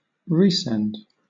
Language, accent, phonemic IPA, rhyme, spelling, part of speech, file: English, Southern England, /ˈɹiːsɛnd/, -ɛnd, resend, noun, LL-Q1860 (eng)-resend.wav
- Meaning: The act of sending again